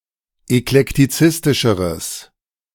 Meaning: strong/mixed nominative/accusative neuter singular comparative degree of eklektizistisch
- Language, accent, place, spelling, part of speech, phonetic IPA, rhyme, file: German, Germany, Berlin, eklektizistischeres, adjective, [ɛklɛktiˈt͡sɪstɪʃəʁəs], -ɪstɪʃəʁəs, De-eklektizistischeres.ogg